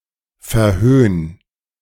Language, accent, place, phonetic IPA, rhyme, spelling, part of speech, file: German, Germany, Berlin, [fɛɐ̯ˈhøːn], -øːn, verhöhn, verb, De-verhöhn.ogg
- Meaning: 1. singular imperative of verhöhnen 2. first-person singular present of verhöhnen